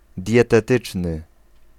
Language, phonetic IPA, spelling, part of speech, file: Polish, [ˌdʲjɛtɛˈtɨt͡ʃnɨ], dietetyczny, adjective, Pl-dietetyczny.ogg